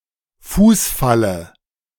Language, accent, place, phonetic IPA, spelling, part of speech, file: German, Germany, Berlin, [ˈfuːsˌfalə], Fußfalle, noun, De-Fußfalle.ogg
- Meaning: dative singular of Fußfall